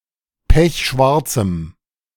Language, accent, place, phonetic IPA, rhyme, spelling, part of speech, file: German, Germany, Berlin, [ˈpɛçˈʃvaʁt͡sm̩], -aʁt͡sm̩, pechschwarzem, adjective, De-pechschwarzem.ogg
- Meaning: strong dative masculine/neuter singular of pechschwarz